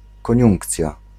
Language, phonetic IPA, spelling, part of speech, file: Polish, [kɔ̃ˈɲũŋkt͡sʲja], koniunkcja, noun, Pl-koniunkcja.ogg